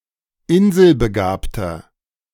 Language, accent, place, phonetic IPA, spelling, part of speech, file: German, Germany, Berlin, [ˈɪnzəlbəˌɡaːptɐ], inselbegabter, adjective, De-inselbegabter.ogg
- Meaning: inflection of inselbegabt: 1. strong/mixed nominative masculine singular 2. strong genitive/dative feminine singular 3. strong genitive plural